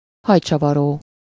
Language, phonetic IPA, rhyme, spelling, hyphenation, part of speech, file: Hungarian, [ˈhɒjt͡ʃɒvɒroː], -roː, hajcsavaró, haj‧csa‧va‧ró, noun, Hu-hajcsavaró.ogg
- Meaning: hair curler